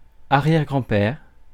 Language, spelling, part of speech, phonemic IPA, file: French, arrière-grand-père, noun, /a.ʁjɛʁ.ɡʁɑ̃.pɛʁ/, Fr-arrière-grand-père.ogg
- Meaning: great-grandfather (father of grandparent)